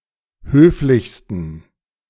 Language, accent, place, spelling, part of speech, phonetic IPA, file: German, Germany, Berlin, höflichsten, adjective, [ˈhøːflɪçstn̩], De-höflichsten.ogg
- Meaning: 1. superlative degree of höflich 2. inflection of höflich: strong genitive masculine/neuter singular superlative degree